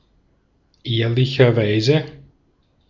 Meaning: in all honesty, honestly
- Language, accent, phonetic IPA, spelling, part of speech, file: German, Austria, [ˈeːɐ̯lɪçɐˌvaɪ̯zə], ehrlicherweise, adverb, De-at-ehrlicherweise.ogg